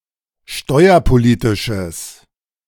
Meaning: strong/mixed nominative/accusative neuter singular of steuerpolitisch
- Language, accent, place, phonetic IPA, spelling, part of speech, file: German, Germany, Berlin, [ˈʃtɔɪ̯ɐpoˌliːtɪʃəs], steuerpolitisches, adjective, De-steuerpolitisches.ogg